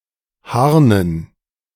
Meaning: dative plural of Harn
- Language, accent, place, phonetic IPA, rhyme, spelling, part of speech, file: German, Germany, Berlin, [ˈhaʁnən], -aʁnən, Harnen, noun, De-Harnen.ogg